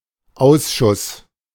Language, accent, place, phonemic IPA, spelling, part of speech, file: German, Germany, Berlin, /ˈaʊ̯s.ˌʃʊs/, Ausschuss, noun, De-Ausschuss.ogg
- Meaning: 1. board, committee 2. damaged, unsaleable products; reject, waste, scrap 3. exit wound